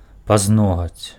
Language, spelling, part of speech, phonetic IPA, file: Belarusian, пазногаць, noun, [pazˈnoɣat͡sʲ], Be-пазногаць.ogg
- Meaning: nail (finger or toe)